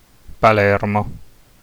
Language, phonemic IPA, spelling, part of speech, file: Italian, /paˈlɛrmo/, Palermo, proper noun, It-Palermo.ogg